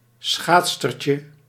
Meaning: diminutive of schaatsster
- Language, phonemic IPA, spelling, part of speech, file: Dutch, /ˈsxatstərcə/, schaatsstertje, noun, Nl-schaatsstertje.ogg